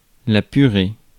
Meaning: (noun) 1. puree 2. mashed potato 3. financial ruin 4. sperm, cum; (verb) feminine singular of puré; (interjection) euphemistic form of putain (“expression of irritation, etc.”)
- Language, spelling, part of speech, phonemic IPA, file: French, purée, noun / verb / interjection, /py.ʁe/, Fr-purée.ogg